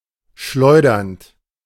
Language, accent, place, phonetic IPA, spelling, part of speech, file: German, Germany, Berlin, [ˈʃlɔɪ̯dɐnt], schleudernd, verb, De-schleudernd.ogg
- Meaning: present participle of schleudern